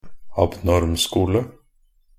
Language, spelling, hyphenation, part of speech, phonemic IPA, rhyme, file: Norwegian Bokmål, abnormskole, ab‧norm‧sko‧le, noun, /abˈnɔrmskuːlə/, -uːlə, Nb-abnormskole.ogg
- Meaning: a school for the disabled or mentally challenged